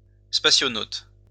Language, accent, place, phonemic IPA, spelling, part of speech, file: French, France, Lyon, /spa.sjɔ.not/, spationaute, noun, LL-Q150 (fra)-spationaute.wav
- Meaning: spationaut, astronaut